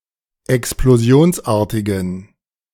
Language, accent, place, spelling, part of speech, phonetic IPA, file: German, Germany, Berlin, explosionsartigen, adjective, [ɛksploˈzi̯oːnsˌʔaːɐ̯tɪɡn̩], De-explosionsartigen.ogg
- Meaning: inflection of explosionsartig: 1. strong genitive masculine/neuter singular 2. weak/mixed genitive/dative all-gender singular 3. strong/weak/mixed accusative masculine singular 4. strong dative plural